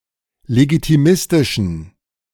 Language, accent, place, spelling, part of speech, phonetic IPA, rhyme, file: German, Germany, Berlin, legitimistischen, adjective, [leɡitiˈmɪstɪʃn̩], -ɪstɪʃn̩, De-legitimistischen.ogg
- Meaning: inflection of legitimistisch: 1. strong genitive masculine/neuter singular 2. weak/mixed genitive/dative all-gender singular 3. strong/weak/mixed accusative masculine singular 4. strong dative plural